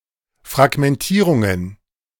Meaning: plural of Fragmentierung
- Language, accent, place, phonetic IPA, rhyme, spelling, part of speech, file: German, Germany, Berlin, [fʁaɡmɛnˈtiːʁʊŋən], -iːʁʊŋən, Fragmentierungen, noun, De-Fragmentierungen.ogg